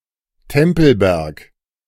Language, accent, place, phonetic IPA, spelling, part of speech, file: German, Germany, Berlin, [ˈtɛmpl̩ˌbɛʁk], Tempelberg, proper noun, De-Tempelberg.ogg
- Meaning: Temple Mount